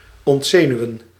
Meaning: 1. to remove a nerve 2. to unnerve, whittle down 3. to refute or disprove an argument sufficiently
- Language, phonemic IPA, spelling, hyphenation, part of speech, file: Dutch, /ˌɔntˈzeː.nyu̯ə(n)/, ontzenuwen, ont‧ze‧nu‧wen, verb, Nl-ontzenuwen.ogg